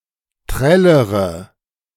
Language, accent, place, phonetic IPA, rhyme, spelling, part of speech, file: German, Germany, Berlin, [ˈtʁɛləʁə], -ɛləʁə, trällere, verb, De-trällere.ogg
- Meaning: inflection of trällern: 1. first-person singular present 2. first/third-person singular subjunctive I 3. singular imperative